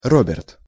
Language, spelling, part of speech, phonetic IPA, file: Russian, Роберт, proper noun, [ˈrobʲɪrt], Ru-Роберт.ogg
- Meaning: a male given name, Robert, from English